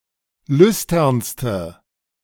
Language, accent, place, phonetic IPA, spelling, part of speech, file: German, Germany, Berlin, [ˈlʏstɐnstə], lüsternste, adjective, De-lüsternste.ogg
- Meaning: inflection of lüstern: 1. strong/mixed nominative/accusative feminine singular superlative degree 2. strong nominative/accusative plural superlative degree